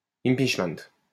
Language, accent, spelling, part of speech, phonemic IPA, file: French, France, impeachment, noun, /im.pitʃ.mɛnt/, LL-Q150 (fra)-impeachment.wav
- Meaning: impeachment (act of impeaching or charging a public official with misconduct, in the United States and other countries)